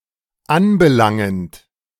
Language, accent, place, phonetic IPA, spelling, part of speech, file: German, Germany, Berlin, [ˈanbəˌlaŋənt], anbelangend, verb, De-anbelangend.ogg
- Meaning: present participle of anbelangen